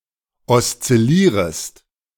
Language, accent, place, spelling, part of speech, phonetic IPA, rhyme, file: German, Germany, Berlin, oszillierest, verb, [ɔst͡sɪˈliːʁəst], -iːʁəst, De-oszillierest.ogg
- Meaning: second-person singular subjunctive I of oszillieren